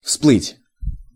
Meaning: 1. to rise to the surface, to surface 2. to appear, to pop up, to emerge
- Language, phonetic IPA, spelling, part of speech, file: Russian, [fspɫɨtʲ], всплыть, verb, Ru-всплыть.ogg